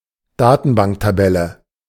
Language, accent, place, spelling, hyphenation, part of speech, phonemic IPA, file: German, Germany, Berlin, Datenbanktabelle, Da‧ten‧bank‧ta‧bel‧le, noun, /ˈdaːtn̩baŋktaˌbɛlə/, De-Datenbanktabelle.ogg
- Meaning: table (grid of data in rows and columns)